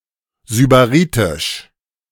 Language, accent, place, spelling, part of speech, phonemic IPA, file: German, Germany, Berlin, sybaritisch, adjective, /zybaˈʁiːtɪʃ/, De-sybaritisch.ogg
- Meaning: sybaritic